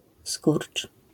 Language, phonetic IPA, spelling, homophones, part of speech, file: Polish, [skurt͡ʃ], skurcz, Skórcz, noun / verb, LL-Q809 (pol)-skurcz.wav